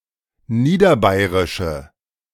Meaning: inflection of niederbayerisch: 1. strong/mixed nominative/accusative feminine singular 2. strong nominative/accusative plural 3. weak nominative all-gender singular
- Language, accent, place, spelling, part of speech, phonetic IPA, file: German, Germany, Berlin, niederbayerische, adjective, [ˈniːdɐˌbaɪ̯ʁɪʃə], De-niederbayerische.ogg